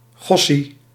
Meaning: expresses compassion, endearment or surprise; gosh, golly
- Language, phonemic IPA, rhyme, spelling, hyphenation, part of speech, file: Dutch, /ˈɣɔ.si/, -ɔsi, gossie, gos‧sie, interjection, Nl-gossie.ogg